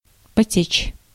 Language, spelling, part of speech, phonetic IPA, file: Russian, потечь, verb, [pɐˈtʲet͡ɕ], Ru-потечь.ogg
- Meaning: 1. to begin to flow 2. to start to leak, to leak